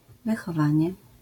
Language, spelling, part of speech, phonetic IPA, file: Polish, wychowanie, noun, [ˌvɨxɔˈvãɲɛ], LL-Q809 (pol)-wychowanie.wav